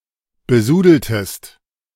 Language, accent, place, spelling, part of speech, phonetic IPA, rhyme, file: German, Germany, Berlin, besudeltest, verb, [bəˈzuːdl̩təst], -uːdl̩təst, De-besudeltest.ogg
- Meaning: inflection of besudeln: 1. second-person singular preterite 2. second-person singular subjunctive II